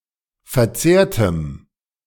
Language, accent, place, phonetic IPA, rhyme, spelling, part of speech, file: German, Germany, Berlin, [fɛɐ̯ˈt͡seːɐ̯təm], -eːɐ̯təm, verzehrtem, adjective, De-verzehrtem.ogg
- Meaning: strong dative masculine/neuter singular of verzehrt